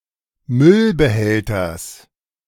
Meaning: genitive singular of Müllbehälter
- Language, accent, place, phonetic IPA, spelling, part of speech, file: German, Germany, Berlin, [ˈmʏlbəˌhɛltɐs], Müllbehälters, noun, De-Müllbehälters.ogg